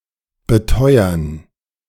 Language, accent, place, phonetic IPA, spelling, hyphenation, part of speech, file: German, Germany, Berlin, [bəˈtɔʏɐn], beteuern, be‧teu‧ern, verb, De-beteuern.ogg
- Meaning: to assert, affirm, aver, asseverate